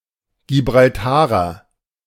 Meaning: Gibraltarian
- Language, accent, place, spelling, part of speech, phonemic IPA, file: German, Germany, Berlin, Gibraltarer, noun, /ɡibʁalˈtaːʁɐ/, De-Gibraltarer.ogg